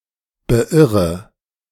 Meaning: inflection of beirren: 1. first-person singular present 2. first/third-person singular subjunctive I 3. singular imperative
- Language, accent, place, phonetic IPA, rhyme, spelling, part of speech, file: German, Germany, Berlin, [bəˈʔɪʁə], -ɪʁə, beirre, verb, De-beirre.ogg